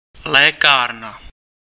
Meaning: 1. pharmacy, dispensary (place where prescription drugs are dispensed) 2. first aid kit
- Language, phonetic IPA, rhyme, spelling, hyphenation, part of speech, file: Czech, [ˈlɛːkaːrna], -aːrna, lékárna, lé‧kár‧na, noun, Cs-lékárna.ogg